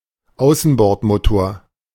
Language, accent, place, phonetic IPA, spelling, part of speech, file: German, Germany, Berlin, [ˈaʊ̯sn̩bɔʁtˌmoːtoːɐ̯], Außenbordmotor, noun, De-Außenbordmotor.ogg
- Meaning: outboard motor